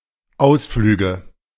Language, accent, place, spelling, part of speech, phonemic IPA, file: German, Germany, Berlin, Ausflüge, noun, /ˈʔaʊ̯sˌflyːɡə/, De-Ausflüge.ogg
- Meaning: nominative/accusative/genitive plural of Ausflug